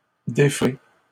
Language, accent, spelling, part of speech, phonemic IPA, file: French, Canada, déferez, verb, /de.fʁe/, LL-Q150 (fra)-déferez.wav
- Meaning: second-person plural future of défaire